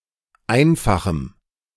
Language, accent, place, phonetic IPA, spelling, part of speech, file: German, Germany, Berlin, [ˈaɪ̯nfaxm̩], einfachem, adjective, De-einfachem.ogg
- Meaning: strong dative masculine/neuter singular of einfach